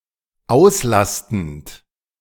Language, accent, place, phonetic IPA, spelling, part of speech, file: German, Germany, Berlin, [ˈaʊ̯sˌlastn̩t], auslastend, verb, De-auslastend.ogg
- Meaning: present participle of auslasten